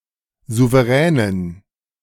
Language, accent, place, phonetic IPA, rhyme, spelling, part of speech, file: German, Germany, Berlin, [ˌzuveˈʁɛːnən], -ɛːnən, Souveränen, noun, De-Souveränen.ogg
- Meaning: dative plural of Souverän